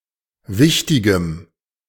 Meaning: strong dative masculine/neuter singular of wichtig
- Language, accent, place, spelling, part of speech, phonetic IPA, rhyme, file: German, Germany, Berlin, wichtigem, adjective, [ˈvɪçtɪɡəm], -ɪçtɪɡəm, De-wichtigem.ogg